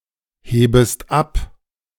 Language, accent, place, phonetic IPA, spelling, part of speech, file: German, Germany, Berlin, [ˌheːbəst ˈap], hebest ab, verb, De-hebest ab.ogg
- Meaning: second-person singular subjunctive I of abheben